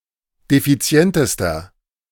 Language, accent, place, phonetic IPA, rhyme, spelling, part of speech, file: German, Germany, Berlin, [defiˈt͡si̯ɛntəstɐ], -ɛntəstɐ, defizientester, adjective, De-defizientester.ogg
- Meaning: inflection of defizient: 1. strong/mixed nominative masculine singular superlative degree 2. strong genitive/dative feminine singular superlative degree 3. strong genitive plural superlative degree